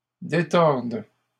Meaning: second-person singular present subjunctive of détordre
- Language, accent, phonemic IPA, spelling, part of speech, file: French, Canada, /de.tɔʁd/, détordes, verb, LL-Q150 (fra)-détordes.wav